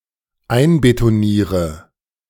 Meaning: inflection of einbetonieren: 1. first-person singular dependent present 2. first/third-person singular dependent subjunctive I
- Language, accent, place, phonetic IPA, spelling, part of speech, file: German, Germany, Berlin, [ˈaɪ̯nbetoˌniːʁə], einbetoniere, verb, De-einbetoniere.ogg